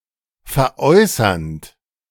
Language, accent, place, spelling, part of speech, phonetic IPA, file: German, Germany, Berlin, veräußernd, verb, [fɛɐ̯ˈʔɔɪ̯sɐnt], De-veräußernd.ogg
- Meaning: present participle of veräußern